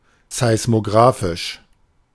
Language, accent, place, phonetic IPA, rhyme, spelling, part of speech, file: German, Germany, Berlin, [zaɪ̯smoˈɡʁaːfɪʃ], -aːfɪʃ, seismografisch, adjective, De-seismografisch.ogg
- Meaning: alternative form of seismographisch